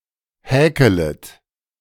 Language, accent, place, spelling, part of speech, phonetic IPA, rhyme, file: German, Germany, Berlin, häkelet, verb, [ˈhɛːkələt], -ɛːkələt, De-häkelet.ogg
- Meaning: second-person plural subjunctive I of häkeln